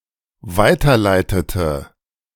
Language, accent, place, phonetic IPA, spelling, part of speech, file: German, Germany, Berlin, [ˈvaɪ̯tɐˌlaɪ̯tətə], weiterleitete, verb, De-weiterleitete.ogg
- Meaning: inflection of weiterleiten: 1. first/third-person singular dependent preterite 2. first/third-person singular dependent subjunctive II